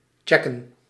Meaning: to check (up), to inspect, examine
- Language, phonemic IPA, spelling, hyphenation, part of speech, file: Dutch, /ˈtʃɛkə(n)/, checken, chec‧ken, verb, Nl-checken.ogg